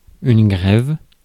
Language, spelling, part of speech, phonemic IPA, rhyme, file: French, grève, noun, /ɡʁɛv/, -ɛv, Fr-grève.ogg
- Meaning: 1. bank (of a river); shore, strand 2. strike (cessation of work) 3. greave